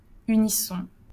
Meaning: unison
- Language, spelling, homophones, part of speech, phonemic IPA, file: French, unisson, unissons, noun, /y.ni.sɔ̃/, LL-Q150 (fra)-unisson.wav